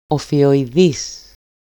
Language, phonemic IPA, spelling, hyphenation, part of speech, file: Greek, /o.fi.o.iˈðis/, οφιοειδής, ο‧φι‧ο‧ει‧δής, adjective, EL-οφιοειδής.ogg
- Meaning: snakelike, ophidian, anguineous, serpentine, sinuous, meandering